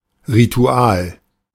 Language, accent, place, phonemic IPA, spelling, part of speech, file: German, Germany, Berlin, /ʁiˈtu̯aːl/, Ritual, noun, De-Ritual.ogg
- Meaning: ritual